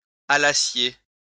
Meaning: second-person plural imperfect subjunctive of aller
- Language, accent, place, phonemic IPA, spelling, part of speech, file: French, France, Lyon, /a.la.sje/, allassiez, verb, LL-Q150 (fra)-allassiez.wav